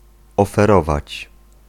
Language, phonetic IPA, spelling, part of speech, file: Polish, [ˌɔfɛˈrɔvat͡ɕ], oferować, verb, Pl-oferować.ogg